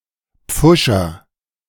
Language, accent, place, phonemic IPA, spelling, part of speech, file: German, Germany, Berlin, /ˈp͡fʊʃɛɐ̯/, Pfuscher, noun, De-Pfuscher.ogg
- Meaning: bungler, botcher